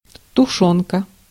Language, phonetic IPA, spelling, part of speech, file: Russian, [tʊˈʂonkə], тушёнка, noun, Ru-тушёнка.ogg
- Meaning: tinned stewed meat (usually of pork and corned beef)